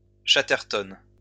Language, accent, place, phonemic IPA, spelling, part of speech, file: French, France, Lyon, /ʃa.tɛʁ.tɔn/, chatterton, noun, LL-Q150 (fra)-chatterton.wav
- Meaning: insulating tape